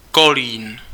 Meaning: 1. a town in the Czech Republic some 55 kilometres east from Prague, lying on the Elbe river 2. a male surname transferred from the place name
- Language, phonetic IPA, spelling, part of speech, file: Czech, [ˈkoliːn], Kolín, proper noun, Cs-Kolín.ogg